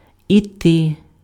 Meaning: 1. to go (on foot), to walk (to) 2. to leave (some place), to depart 3. to go by, to pass (about time) 4. to come out (about vapor, smoke) 5. to go on, to proceed (about meeting)
- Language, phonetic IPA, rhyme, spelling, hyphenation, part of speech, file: Ukrainian, [iˈtɪ], -ɪ, іти, іти, verb, Uk-іти.ogg